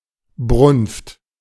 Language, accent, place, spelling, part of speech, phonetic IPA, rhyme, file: German, Germany, Berlin, Brunft, noun, [bʁʊnft], -ʊnft, De-Brunft.ogg
- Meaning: heat, rut (sexual excitement of animals)